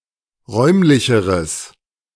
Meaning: strong/mixed nominative/accusative neuter singular comparative degree of räumlich
- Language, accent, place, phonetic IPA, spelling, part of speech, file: German, Germany, Berlin, [ˈʁɔɪ̯mlɪçəʁəs], räumlicheres, adjective, De-räumlicheres.ogg